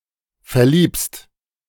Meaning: second-person singular present of verlieben
- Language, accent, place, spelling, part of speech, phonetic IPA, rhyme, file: German, Germany, Berlin, verliebst, verb, [fɛɐ̯ˈliːpst], -iːpst, De-verliebst.ogg